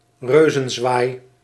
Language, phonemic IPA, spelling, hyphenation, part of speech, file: Dutch, /ˈrøː.zə(n)ˌzʋaːi̯/, reuzenzwaai, reu‧zen‧zwaai, noun, Nl-reuzenzwaai.ogg
- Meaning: a giant turn, a giant swing, a giant bend